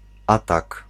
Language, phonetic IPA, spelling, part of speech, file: Polish, [ˈatak], atak, noun, Pl-atak.ogg